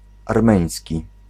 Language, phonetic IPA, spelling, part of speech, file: Polish, [arˈmɛ̃j̃sʲci], armeński, adjective, Pl-armeński.ogg